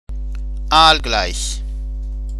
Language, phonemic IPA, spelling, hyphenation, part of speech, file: German, /ˈaːlˌɡlaɪ̯ç/, aalgleich, aal‧gleich, adjective, De-aalgleich.ogg
- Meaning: eellike